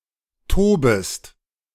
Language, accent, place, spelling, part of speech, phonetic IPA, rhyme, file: German, Germany, Berlin, tobest, verb, [ˈtoːbəst], -oːbəst, De-tobest.ogg
- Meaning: second-person singular subjunctive I of toben